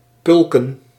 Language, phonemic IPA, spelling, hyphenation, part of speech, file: Dutch, /ˈpʏl.kə(n)/, pulken, pul‧ken, verb, Nl-pulken.ogg
- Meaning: to pick (with one's hand or fingers)